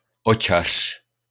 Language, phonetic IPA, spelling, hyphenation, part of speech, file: Czech, [ˈot͡ʃar̝̊], očař, očař, noun, LL-Q9056 (ces)-očař.wav
- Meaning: ophthalmologist